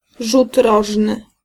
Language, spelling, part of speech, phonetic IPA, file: Polish, rzut rożny, noun, [ˈʒut ˈrɔʒnɨ], Pl-rzut rożny.ogg